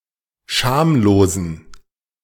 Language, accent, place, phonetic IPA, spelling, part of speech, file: German, Germany, Berlin, [ˈʃaːmloːzn̩], schamlosen, adjective, De-schamlosen.ogg
- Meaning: inflection of schamlos: 1. strong genitive masculine/neuter singular 2. weak/mixed genitive/dative all-gender singular 3. strong/weak/mixed accusative masculine singular 4. strong dative plural